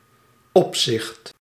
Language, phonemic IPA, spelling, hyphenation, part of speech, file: Dutch, /ˈɔpsɪxt/, opzicht, op‧zicht, noun, Nl-opzicht.ogg
- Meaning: 1. supervision 2. relation, regard